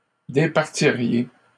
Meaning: second-person plural conditional of départir
- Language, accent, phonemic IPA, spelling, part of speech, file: French, Canada, /de.paʁ.ti.ʁje/, départiriez, verb, LL-Q150 (fra)-départiriez.wav